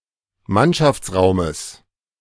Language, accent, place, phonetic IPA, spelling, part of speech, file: German, Germany, Berlin, [ˈmanʃaft͡sˌʁaʊ̯məs], Mannschaftsraumes, noun, De-Mannschaftsraumes.ogg
- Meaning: genitive singular of Mannschaftsraum